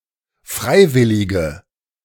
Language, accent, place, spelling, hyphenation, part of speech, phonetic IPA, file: German, Germany, Berlin, Freiwillige, Frei‧wil‧li‧ge, noun, [ˈfʁaɪ̯ˌvɪlɪɡə], De-Freiwillige.ogg
- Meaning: 1. female equivalent of Freiwilliger: female volunteer 2. inflection of Freiwilliger: strong nominative/accusative plural 3. inflection of Freiwilliger: weak nominative singular